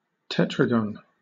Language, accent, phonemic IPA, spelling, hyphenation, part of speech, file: English, Southern England, /ˈtɛ.tɹə.ɡən/, tetragon, te‧tra‧gon, noun, LL-Q1860 (eng)-tetragon.wav
- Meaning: 1. Synonym of quadrilateral (“a polygon with four sides”) 2. An aspect of two planets with regard to the Earth when they are distant from each other ninety degrees, or a quarter-circle